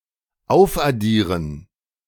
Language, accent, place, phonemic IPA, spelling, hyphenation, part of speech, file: German, Germany, Berlin, /ˈaʊ̯fʔaˌdiːʁən/, aufaddieren, auf‧ad‧die‧ren, verb, De-aufaddieren.ogg
- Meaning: to add up